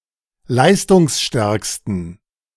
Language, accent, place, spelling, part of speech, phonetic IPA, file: German, Germany, Berlin, leistungsstärksten, adjective, [ˈlaɪ̯stʊŋsˌʃtɛʁkstn̩], De-leistungsstärksten.ogg
- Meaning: superlative degree of leistungsstark